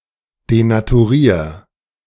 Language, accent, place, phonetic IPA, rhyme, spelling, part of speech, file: German, Germany, Berlin, [denatuˈʁiːɐ̯], -iːɐ̯, denaturier, verb, De-denaturier.ogg
- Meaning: 1. singular imperative of denaturieren 2. first-person singular present of denaturieren